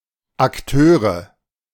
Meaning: nominative/accusative/genitive plural of Akteur
- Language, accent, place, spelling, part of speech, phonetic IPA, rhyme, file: German, Germany, Berlin, Akteure, noun, [akˈtøːʁə], -øːʁə, De-Akteure.ogg